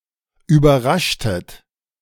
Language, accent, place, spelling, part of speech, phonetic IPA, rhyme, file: German, Germany, Berlin, überraschtet, verb, [yːbɐˈʁaʃtət], -aʃtət, De-überraschtet.ogg
- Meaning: inflection of überraschen: 1. second-person plural preterite 2. second-person plural subjunctive II